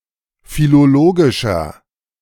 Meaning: 1. comparative degree of philologisch 2. inflection of philologisch: strong/mixed nominative masculine singular 3. inflection of philologisch: strong genitive/dative feminine singular
- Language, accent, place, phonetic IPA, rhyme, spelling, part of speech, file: German, Germany, Berlin, [filoˈloːɡɪʃɐ], -oːɡɪʃɐ, philologischer, adjective, De-philologischer.ogg